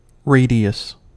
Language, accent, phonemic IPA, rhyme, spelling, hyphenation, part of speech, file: English, US, /ˈɹeɪ.di.əs/, -eɪdiəs, radius, ra‧di‧us, noun / verb, En-us-radius.ogg
- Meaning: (noun) 1. The long bone in the forearm, on the side of the thumb 2. The lighter bone (or fused portion of bone) in the forelimb of an animal